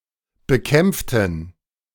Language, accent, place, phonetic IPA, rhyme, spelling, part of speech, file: German, Germany, Berlin, [bəˈkɛmp͡ftn̩], -ɛmp͡ftn̩, bekämpften, adjective / verb, De-bekämpften.ogg
- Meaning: inflection of bekämpfen: 1. first/third-person plural preterite 2. first/third-person plural subjunctive II